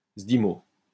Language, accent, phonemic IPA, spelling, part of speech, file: French, France, /zdi.mo/, zdimoh, noun, LL-Q150 (fra)-zdimoh.wav
- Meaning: a form of language similar to Kabyle